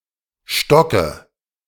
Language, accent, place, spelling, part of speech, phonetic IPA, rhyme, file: German, Germany, Berlin, Stocke, noun, [ˈʃtɔkə], -ɔkə, De-Stocke.ogg
- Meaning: dative of Stock